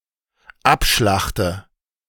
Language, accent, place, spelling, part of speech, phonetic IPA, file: German, Germany, Berlin, abschlachte, verb, [ˈapˌʃlaxtə], De-abschlachte.ogg
- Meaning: inflection of abschlachten: 1. first-person singular dependent present 2. first/third-person singular dependent subjunctive I